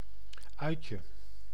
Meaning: 1. diminutive of ui 2. excursion, day trip
- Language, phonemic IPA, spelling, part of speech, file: Dutch, /ˈœy̯tjə/, uitje, noun, Nl-uitje.ogg